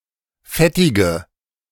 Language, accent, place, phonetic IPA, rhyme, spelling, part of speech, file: German, Germany, Berlin, [ˈfɛtɪɡə], -ɛtɪɡə, fettige, adjective, De-fettige.ogg
- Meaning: inflection of fettig: 1. strong/mixed nominative/accusative feminine singular 2. strong nominative/accusative plural 3. weak nominative all-gender singular 4. weak accusative feminine/neuter singular